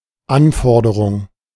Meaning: 1. request 2. requirement
- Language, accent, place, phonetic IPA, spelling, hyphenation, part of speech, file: German, Germany, Berlin, [ˈʔanˌfɔʁdəʁʊŋ], Anforderung, An‧for‧de‧rung, noun, De-Anforderung.ogg